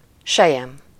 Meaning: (adjective) silk, silken; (noun) silk
- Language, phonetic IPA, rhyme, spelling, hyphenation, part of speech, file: Hungarian, [ˈʃɛjɛm], -ɛm, selyem, se‧lyem, adjective / noun, Hu-selyem.ogg